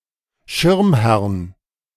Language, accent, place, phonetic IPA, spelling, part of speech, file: German, Germany, Berlin, [ˈʃɪʁmˌhɛʁn], Schirmherrn, noun, De-Schirmherrn.ogg
- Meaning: genitive singular of Schirmherr